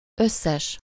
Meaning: all, every (used with definite article and the noun in singular)
- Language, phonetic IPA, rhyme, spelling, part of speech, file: Hungarian, [ˈøsːɛʃ], -ɛʃ, összes, determiner, Hu-összes.ogg